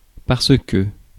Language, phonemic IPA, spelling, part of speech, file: French, /paʁs/, parce, preposition, Fr-parce.ogg
- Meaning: only used in parce que